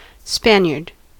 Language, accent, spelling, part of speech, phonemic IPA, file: English, US, Spaniard, noun, /ˈspæn.jɚd/, En-us-Spaniard.ogg
- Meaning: A person from Spain or of Spanish descent